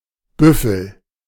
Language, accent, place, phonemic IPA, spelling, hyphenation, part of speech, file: German, Germany, Berlin, /ˈbʏfəl/, Büffel, Büf‧fel, noun, De-Büffel.ogg
- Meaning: 1. buffalo 2. coarse cloth 3. lout, clod 4. an armored recovery vehicle Bergepanzer 3